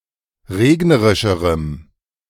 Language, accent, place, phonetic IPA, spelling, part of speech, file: German, Germany, Berlin, [ˈʁeːɡnəʁɪʃəʁəm], regnerischerem, adjective, De-regnerischerem.ogg
- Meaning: strong dative masculine/neuter singular comparative degree of regnerisch